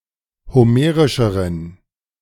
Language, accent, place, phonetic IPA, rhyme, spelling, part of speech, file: German, Germany, Berlin, [hoˈmeːʁɪʃəʁən], -eːʁɪʃəʁən, homerischeren, adjective, De-homerischeren.ogg
- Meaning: inflection of homerisch: 1. strong genitive masculine/neuter singular comparative degree 2. weak/mixed genitive/dative all-gender singular comparative degree